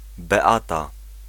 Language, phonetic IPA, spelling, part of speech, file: Polish, [bɛˈata], Beata, proper noun, Pl-Beata.ogg